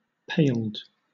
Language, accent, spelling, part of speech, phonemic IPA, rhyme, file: English, Southern England, paled, verb / adjective, /peɪld/, -eɪld, LL-Q1860 (eng)-paled.wav
- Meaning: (verb) simple past and past participle of pale; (adjective) 1. Striped 2. Enclosed with a paling